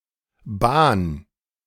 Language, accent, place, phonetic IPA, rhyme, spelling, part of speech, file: German, Germany, Berlin, [baːn], -aːn, bahn, verb, De-bahn.ogg
- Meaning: 1. singular imperative of bahnen 2. first-person singular present of bahnen